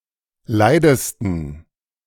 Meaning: 1. superlative degree of leid 2. inflection of leid: strong genitive masculine/neuter singular superlative degree
- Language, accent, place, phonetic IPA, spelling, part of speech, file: German, Germany, Berlin, [ˈlaɪ̯dəstn̩], leidesten, adjective, De-leidesten.ogg